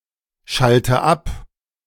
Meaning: inflection of abschalten: 1. first-person singular present 2. first/third-person singular subjunctive I 3. singular imperative
- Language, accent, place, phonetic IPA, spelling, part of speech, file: German, Germany, Berlin, [ˌʃaltə ˈap], schalte ab, verb, De-schalte ab.ogg